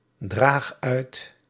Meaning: inflection of uitdragen: 1. first-person singular present indicative 2. second-person singular present indicative 3. imperative
- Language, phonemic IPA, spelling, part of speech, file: Dutch, /ˈdrax ˈœyt/, draag uit, verb, Nl-draag uit.ogg